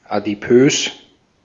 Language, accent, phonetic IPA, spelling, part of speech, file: German, Austria, [ˌa.diˈpøːs], adipös, adjective, De-at-adipös.ogg
- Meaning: 1. adipose 2. obese